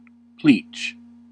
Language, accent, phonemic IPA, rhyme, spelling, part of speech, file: English, General American, /plit͡ʃ/, -iːtʃ, pleach, verb / noun, En-us-pleach.ogg
- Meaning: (verb) To unite by interweaving, as (horticulture) branches of shrubs, trees, etc., to create a hedge; to interlock, to plash